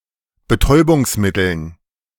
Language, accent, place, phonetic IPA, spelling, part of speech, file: German, Germany, Berlin, [bəˈtɔɪ̯bʊŋsˌmɪtl̩n], Betäubungsmitteln, noun, De-Betäubungsmitteln.ogg
- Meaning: dative plural of Betäubungsmittel